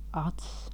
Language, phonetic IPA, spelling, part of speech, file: Latvian, [ats], acs, noun, Lv-acs.ogg
- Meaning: 1. eye (organ of vision) 2. vision, capacity to see, field of vision, attention 3. something similar to an eye in form 4. a hole or loop with a specific purpose 5. value unit (when playing cards)